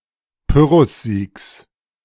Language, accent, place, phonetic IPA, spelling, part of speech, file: German, Germany, Berlin, [ˈpʏʁʊsˌziːks], Pyrrhussiegs, noun, De-Pyrrhussiegs.ogg
- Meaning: genitive singular of Pyrrhussieg